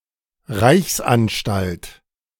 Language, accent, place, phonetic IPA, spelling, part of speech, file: German, Germany, Berlin, [ˈʁaɪ̯çsʔanˌʃtalt], Reichsanstalt, noun, De-Reichsanstalt.ogg
- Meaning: Any of several public monopoly institutions in the former German Empire